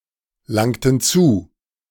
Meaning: inflection of zulangen: 1. first/third-person plural preterite 2. first/third-person plural subjunctive II
- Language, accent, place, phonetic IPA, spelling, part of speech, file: German, Germany, Berlin, [ˌlaŋtn̩ ˈt͡suː], langten zu, verb, De-langten zu.ogg